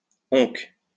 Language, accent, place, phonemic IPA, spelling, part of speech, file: French, France, Lyon, /ɔ̃k/, oncques, adverb, LL-Q150 (fra)-oncques.wav
- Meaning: 1. one day 2. never